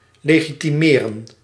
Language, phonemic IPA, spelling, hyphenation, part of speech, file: Dutch, /ˌleː.ɣi.tiˈmeː.rə(n)/, legitimeren, le‧gi‧ti‧me‧ren, verb, Nl-legitimeren.ogg
- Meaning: 1. to legitimize 2. to identify oneself, to provide identification